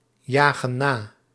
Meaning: inflection of najagen: 1. plural present indicative 2. plural present subjunctive
- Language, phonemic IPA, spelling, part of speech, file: Dutch, /ˈjaɣə(n) ˈna/, jagen na, verb, Nl-jagen na.ogg